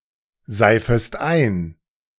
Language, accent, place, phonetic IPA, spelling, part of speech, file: German, Germany, Berlin, [ˌzaɪ̯fəst ˈaɪ̯n], seifest ein, verb, De-seifest ein.ogg
- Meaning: second-person singular subjunctive I of einseifen